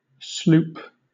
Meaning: 1. A single-masted sailboat with only one headsail 2. A sailing warship, smaller than a frigate, with its guns all on one deck 3. A sloop-of-war, smaller than a frigate, larger than a corvette
- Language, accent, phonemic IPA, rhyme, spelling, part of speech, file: English, Southern England, /sluːp/, -uːp, sloop, noun, LL-Q1860 (eng)-sloop.wav